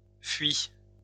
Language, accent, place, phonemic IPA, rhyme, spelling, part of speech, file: French, France, Lyon, /fɥi/, -ɥi, fuie, noun / verb, LL-Q150 (fra)-fuie.wav
- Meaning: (noun) A type of dovecote; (verb) 1. first/third-person singular present subjunctive of fuir 2. feminine singular of fui